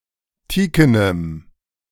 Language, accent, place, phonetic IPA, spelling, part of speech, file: German, Germany, Berlin, [ˈtiːkənəm], teakenem, adjective, De-teakenem.ogg
- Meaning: strong dative masculine/neuter singular of teaken